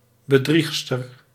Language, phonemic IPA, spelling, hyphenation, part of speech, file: Dutch, /bəˈdrix.stər/, bedriegster, be‧drieg‧ster, noun, Nl-bedriegster.ogg
- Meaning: 1. female deceiver, cheater, fraudster 2. female crook, hustler, impostor